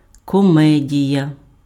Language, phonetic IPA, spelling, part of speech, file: Ukrainian, [kɔˈmɛdʲijɐ], комедія, noun, Uk-комедія.ogg
- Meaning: 1. comedy (an amusing play) 2. comedy (a humorous event) 3. farce, play-acting (the act of engaging in pretence or insincere behavior)